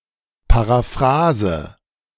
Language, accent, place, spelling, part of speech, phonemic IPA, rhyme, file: German, Germany, Berlin, Paraphrase, noun, /paʁaˈfʁaːzə/, -aːzə, De-Paraphrase.ogg
- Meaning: 1. paraphrase (restatement of a text in different words) 2. artistic variation of a melody